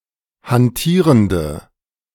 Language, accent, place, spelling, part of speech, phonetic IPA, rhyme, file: German, Germany, Berlin, hantierende, adjective, [hanˈtiːʁəndə], -iːʁəndə, De-hantierende.ogg
- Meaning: inflection of hantierend: 1. strong/mixed nominative/accusative feminine singular 2. strong nominative/accusative plural 3. weak nominative all-gender singular